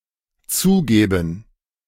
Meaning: first/third-person plural dependent subjunctive II of zugeben
- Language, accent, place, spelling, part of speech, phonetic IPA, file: German, Germany, Berlin, zugäben, verb, [ˈt͡suːˌɡɛːbn̩], De-zugäben.ogg